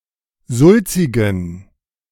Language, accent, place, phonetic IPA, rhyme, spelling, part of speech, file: German, Germany, Berlin, [ˈzʊlt͡sɪɡn̩], -ʊlt͡sɪɡn̩, sulzigen, adjective, De-sulzigen.ogg
- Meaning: inflection of sulzig: 1. strong genitive masculine/neuter singular 2. weak/mixed genitive/dative all-gender singular 3. strong/weak/mixed accusative masculine singular 4. strong dative plural